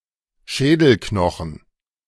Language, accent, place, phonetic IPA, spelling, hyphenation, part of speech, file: German, Germany, Berlin, [ˈʃɛːdl̩ˌknɔxn̩], Schädelknochen, Schä‧del‧kno‧chen, noun, De-Schädelknochen.ogg
- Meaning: cranium (cranial bone)